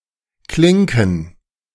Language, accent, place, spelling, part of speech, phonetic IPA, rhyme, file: German, Germany, Berlin, Klinken, noun, [ˈklɪŋkn̩], -ɪŋkn̩, De-Klinken.ogg
- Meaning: plural of Klinke